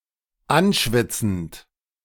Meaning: present participle of anschwitzen
- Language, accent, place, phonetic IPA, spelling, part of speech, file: German, Germany, Berlin, [ˈanˌʃvɪt͡sn̩t], anschwitzend, verb, De-anschwitzend.ogg